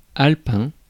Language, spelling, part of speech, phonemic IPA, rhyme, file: French, alpin, adjective, /al.pɛ̃/, -ɛ̃, Fr-alpin.ogg
- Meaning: of the Alps; Alpine